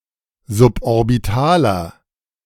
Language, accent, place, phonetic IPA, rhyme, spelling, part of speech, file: German, Germany, Berlin, [zʊpʔɔʁbɪˈtaːlɐ], -aːlɐ, suborbitaler, adjective, De-suborbitaler.ogg
- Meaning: inflection of suborbital: 1. strong/mixed nominative masculine singular 2. strong genitive/dative feminine singular 3. strong genitive plural